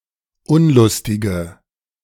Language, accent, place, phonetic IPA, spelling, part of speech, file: German, Germany, Berlin, [ˈʊnlʊstɪɡə], unlustige, adjective, De-unlustige.ogg
- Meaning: inflection of unlustig: 1. strong/mixed nominative/accusative feminine singular 2. strong nominative/accusative plural 3. weak nominative all-gender singular